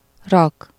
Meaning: to put, set
- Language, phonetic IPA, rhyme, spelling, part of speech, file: Hungarian, [ˈrɒk], -ɒk, rak, verb, Hu-rak.ogg